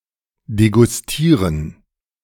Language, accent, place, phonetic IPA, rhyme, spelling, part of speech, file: German, Germany, Berlin, [deɡʊsˈtiːʁən], -iːʁən, degustieren, verb, De-degustieren.ogg
- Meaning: to try (a food) critically, to determine how it tastes and smells